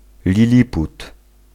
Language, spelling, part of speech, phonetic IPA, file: Polish, liliput, noun, [lʲiˈlʲiput], Pl-liliput.ogg